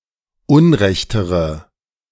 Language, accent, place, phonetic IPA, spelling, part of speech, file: German, Germany, Berlin, [ˈʊnˌʁɛçtəʁə], unrechtere, adjective, De-unrechtere.ogg
- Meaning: inflection of unrecht: 1. strong/mixed nominative/accusative feminine singular comparative degree 2. strong nominative/accusative plural comparative degree